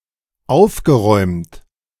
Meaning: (verb) past participle of aufräumen; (adjective) 1. tidy 2. cheerful
- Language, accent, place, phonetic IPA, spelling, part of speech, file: German, Germany, Berlin, [ˈaʊ̯fɡəˌʁɔɪ̯mt], aufgeräumt, adjective / verb, De-aufgeräumt.ogg